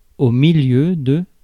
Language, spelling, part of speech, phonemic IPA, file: French, milieu, noun, /mi.ljø/, Fr-milieu.ogg
- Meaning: 1. middle; center 2. setting; environment; surroundings 3. social circle; milieu 4. middle ground